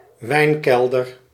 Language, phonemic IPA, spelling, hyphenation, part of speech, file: Dutch, /ˈʋɛi̯nˌkɛl.dər/, wijnkelder, wijn‧kel‧der, noun, Nl-wijnkelder.ogg
- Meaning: wine cellar